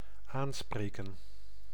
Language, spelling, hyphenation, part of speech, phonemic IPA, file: Dutch, aanspreken, aan‧spre‧ken, verb, /ˈaːnˌspreːkə(n)/, Nl-aanspreken.ogg
- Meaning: 1. to address 2. to accost 3. to appeal to, to be appealing to